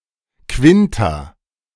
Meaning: 1. second class of Gymnasium 2. fifth class of Gymnasium
- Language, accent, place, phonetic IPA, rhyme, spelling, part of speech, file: German, Germany, Berlin, [ˈkvɪnta], -ɪnta, Quinta, noun, De-Quinta.ogg